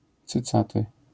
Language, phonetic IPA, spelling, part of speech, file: Polish, [t͡sɨˈt͡satɨ], cycaty, adjective, LL-Q809 (pol)-cycaty.wav